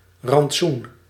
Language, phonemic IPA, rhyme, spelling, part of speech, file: Dutch, /rɑntˈsun/, -un, rantsoen, noun, Nl-rantsoen.ogg
- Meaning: 1. ration 2. synonym of losgeld (“ransom”)